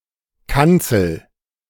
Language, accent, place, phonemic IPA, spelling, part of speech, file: German, Germany, Berlin, /ˈkant͡sl̩/, Kanzel, noun, De-Kanzel.ogg
- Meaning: 1. pulpit; raised, enclosed platform in a church from which a preacher preaches 2. cockpit 3. pulpit, raised desk or stand of a teacher